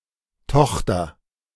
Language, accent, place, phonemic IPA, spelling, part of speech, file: German, Germany, Berlin, /ˈtɔx.tɐ/, Tochter, noun, De-Tochter.ogg
- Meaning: 1. daughter 2. subsidiary (company)